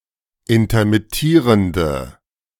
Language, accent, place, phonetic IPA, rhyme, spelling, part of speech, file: German, Germany, Berlin, [intɐmɪˈtiːʁəndə], -iːʁəndə, intermittierende, adjective, De-intermittierende.ogg
- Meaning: inflection of intermittierend: 1. strong/mixed nominative/accusative feminine singular 2. strong nominative/accusative plural 3. weak nominative all-gender singular